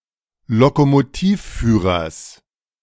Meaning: genitive singular of Lokomotivführer
- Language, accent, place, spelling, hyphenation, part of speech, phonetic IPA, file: German, Germany, Berlin, Lokomotivführers, Lo‧ko‧mo‧tiv‧füh‧rers, noun, [lokomoˈtiːfˌfyːʁɐs], De-Lokomotivführers.ogg